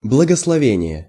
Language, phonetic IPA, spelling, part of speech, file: Russian, [bɫəɡəsɫɐˈvʲenʲɪje], благословение, noun, Ru-благословение.ogg
- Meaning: benediction, blessing